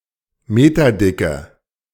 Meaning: inflection of meterdick: 1. strong/mixed nominative/accusative feminine singular 2. strong nominative/accusative plural 3. weak nominative all-gender singular
- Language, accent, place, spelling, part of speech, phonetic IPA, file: German, Germany, Berlin, meterdicke, adjective, [ˈmeːtɐˌdɪkə], De-meterdicke.ogg